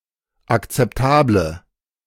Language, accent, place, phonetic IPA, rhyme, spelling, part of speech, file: German, Germany, Berlin, [akt͡sɛpˈtaːblə], -aːblə, akzeptable, adjective, De-akzeptable.ogg
- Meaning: inflection of akzeptabel: 1. strong/mixed nominative/accusative feminine singular 2. strong nominative/accusative plural 3. weak nominative all-gender singular